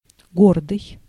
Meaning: 1. proud 2. majestic
- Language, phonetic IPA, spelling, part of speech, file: Russian, [ˈɡordɨj], гордый, adjective, Ru-гордый.ogg